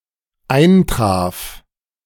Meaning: first/third-person singular dependent preterite of eintreffen
- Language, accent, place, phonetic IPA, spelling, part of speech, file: German, Germany, Berlin, [ˈaɪ̯nˌtʁaːf], eintraf, verb, De-eintraf.ogg